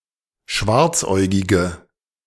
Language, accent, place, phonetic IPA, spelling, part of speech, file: German, Germany, Berlin, [ˈʃvaʁt͡sˌʔɔɪ̯ɡɪɡə], schwarzäugige, adjective, De-schwarzäugige.ogg
- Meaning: inflection of schwarzäugig: 1. strong/mixed nominative/accusative feminine singular 2. strong nominative/accusative plural 3. weak nominative all-gender singular